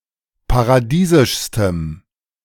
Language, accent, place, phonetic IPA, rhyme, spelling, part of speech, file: German, Germany, Berlin, [paʁaˈdiːzɪʃstəm], -iːzɪʃstəm, paradiesischstem, adjective, De-paradiesischstem.ogg
- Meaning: strong dative masculine/neuter singular superlative degree of paradiesisch